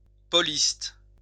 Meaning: a person residing in São Paulo, Brazil
- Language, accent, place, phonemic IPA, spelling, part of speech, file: French, France, Lyon, /pɔ.list/, Pauliste, noun, LL-Q150 (fra)-Pauliste.wav